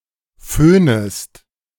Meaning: second-person singular subjunctive I of föhnen
- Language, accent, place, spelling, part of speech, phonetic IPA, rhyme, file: German, Germany, Berlin, föhnest, verb, [ˈføːnəst], -øːnəst, De-föhnest.ogg